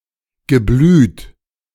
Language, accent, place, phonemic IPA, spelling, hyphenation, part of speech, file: German, Germany, Berlin, /ɡəˈblyːt/, Geblüt, Ge‧blüt, noun, De-Geblüt.ogg
- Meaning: 1. blood 2. bloodline, heritage